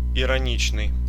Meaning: ironic
- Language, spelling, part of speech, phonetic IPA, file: Russian, ироничный, adjective, [ɪrɐˈnʲit͡ɕnɨj], Ru-ироничный.ogg